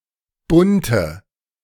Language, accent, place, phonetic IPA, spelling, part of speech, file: German, Germany, Berlin, [ˈbʊntə], bunte, adjective, De-bunte.ogg
- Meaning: inflection of bunt: 1. strong/mixed nominative/accusative feminine singular 2. strong nominative/accusative plural 3. weak nominative all-gender singular 4. weak accusative feminine/neuter singular